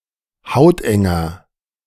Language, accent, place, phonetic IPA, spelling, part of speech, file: German, Germany, Berlin, [ˈhaʊ̯tʔɛŋɐ], hautenger, adjective, De-hautenger.ogg
- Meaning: inflection of hauteng: 1. strong/mixed nominative masculine singular 2. strong genitive/dative feminine singular 3. strong genitive plural